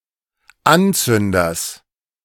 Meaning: genitive of Anzünder
- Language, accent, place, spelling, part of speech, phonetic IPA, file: German, Germany, Berlin, Anzünders, noun, [ˈanˌt͡sʏndɐs], De-Anzünders.ogg